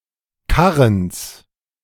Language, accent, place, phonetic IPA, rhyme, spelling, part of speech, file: German, Germany, Berlin, [ˈkaʁəns], -aʁəns, Karrens, noun, De-Karrens.ogg
- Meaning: genitive singular of Karren